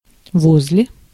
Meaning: beside, by, near
- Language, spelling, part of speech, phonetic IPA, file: Russian, возле, preposition, [ˈvoz⁽ʲ⁾lʲe], Ru-возле.ogg